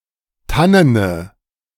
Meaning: inflection of tannen: 1. strong/mixed nominative/accusative feminine singular 2. strong nominative/accusative plural 3. weak nominative all-gender singular 4. weak accusative feminine/neuter singular
- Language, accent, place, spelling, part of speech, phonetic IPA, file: German, Germany, Berlin, tannene, adjective, [ˈtanənə], De-tannene.ogg